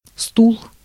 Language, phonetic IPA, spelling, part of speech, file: Russian, [stuɫ], стул, noun, Ru-стул.ogg
- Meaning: 1. chair, seat 2. knock at the door, four in the lotto game 3. stool, feces